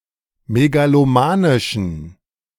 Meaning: inflection of megalomanisch: 1. strong genitive masculine/neuter singular 2. weak/mixed genitive/dative all-gender singular 3. strong/weak/mixed accusative masculine singular 4. strong dative plural
- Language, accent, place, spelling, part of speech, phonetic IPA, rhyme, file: German, Germany, Berlin, megalomanischen, adjective, [meɡaloˈmaːnɪʃn̩], -aːnɪʃn̩, De-megalomanischen.ogg